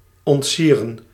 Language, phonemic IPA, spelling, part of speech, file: Dutch, /ˌɔntˈsi.rə(n)/, ontsieren, verb, Nl-ontsieren.ogg
- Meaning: to make ugly, to uglify, to mar the appearance (of something)